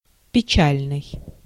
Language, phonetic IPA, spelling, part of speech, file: Russian, [pʲɪˈt͡ɕælʲnɨj], печальный, adjective, Ru-печальный.ogg
- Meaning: 1. sad, grieved, sorrowful, wistful, doleful, mournful 2. grievous